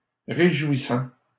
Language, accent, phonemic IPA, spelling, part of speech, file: French, Canada, /ʁe.ʒwi.sɑ̃/, réjouissant, verb / adjective, LL-Q150 (fra)-réjouissant.wav
- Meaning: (verb) present participle of réjouir; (adjective) 1. cheerful 2. uplifting